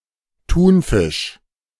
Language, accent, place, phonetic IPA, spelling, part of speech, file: German, Germany, Berlin, [ˈtuːnˌfɪʃ], Thunfisch, noun, De-Thunfisch.ogg
- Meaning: tuna; tunafish